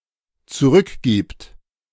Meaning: third-person singular dependent present of zurückgeben
- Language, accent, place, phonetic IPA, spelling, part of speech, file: German, Germany, Berlin, [t͡suˈʁʏkˌɡiːpt], zurückgibt, verb, De-zurückgibt.ogg